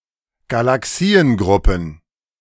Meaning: plural of Galaxiengruppe
- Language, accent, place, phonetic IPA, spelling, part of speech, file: German, Germany, Berlin, [ɡalaˈksiːənˌɡʁʊpn̩], Galaxiengruppen, noun, De-Galaxiengruppen.ogg